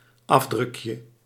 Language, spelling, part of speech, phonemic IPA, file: Dutch, afdrukje, noun, /ˈɑvdrʏkjə/, Nl-afdrukje.ogg
- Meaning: diminutive of afdruk